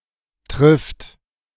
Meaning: third-person singular present of treffen
- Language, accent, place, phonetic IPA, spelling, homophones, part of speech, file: German, Germany, Berlin, [tʁɪft], trifft, Trift, verb, De-trifft.ogg